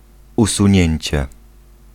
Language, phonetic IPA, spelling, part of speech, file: Polish, [ˌusũˈɲɛ̇̃ɲt͡ɕɛ], usunięcie, noun, Pl-usunięcie.ogg